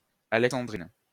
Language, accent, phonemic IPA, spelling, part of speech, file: French, France, /a.lɛk.sɑ̃.dʁin/, alexandrine, adjective, LL-Q150 (fra)-alexandrine.wav
- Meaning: feminine singular of alexandrin